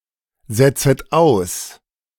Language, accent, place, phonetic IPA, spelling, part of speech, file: German, Germany, Berlin, [ˌzɛt͡sət ˈaʊ̯s], setzet aus, verb, De-setzet aus.ogg
- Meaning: second-person plural subjunctive I of aussetzen